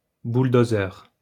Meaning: bulldozer
- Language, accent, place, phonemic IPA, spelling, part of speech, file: French, France, Lyon, /bul.do.zœʁ/, bouldozeur, noun, LL-Q150 (fra)-bouldozeur.wav